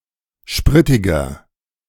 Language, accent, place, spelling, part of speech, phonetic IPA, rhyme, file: German, Germany, Berlin, spritiger, adjective, [ˈʃpʁɪtɪɡɐ], -ɪtɪɡɐ, De-spritiger.ogg
- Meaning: inflection of spritig: 1. strong/mixed nominative masculine singular 2. strong genitive/dative feminine singular 3. strong genitive plural